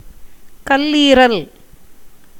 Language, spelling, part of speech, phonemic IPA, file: Tamil, கல்லீரல், noun, /kɐlliːɾɐl/, Ta-கல்லீரல்.ogg
- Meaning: liver